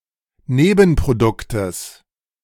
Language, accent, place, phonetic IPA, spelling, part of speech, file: German, Germany, Berlin, [ˈneːbn̩pʁoˌdʊktəs], Nebenproduktes, noun, De-Nebenproduktes.ogg
- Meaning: genitive singular of Nebenprodukt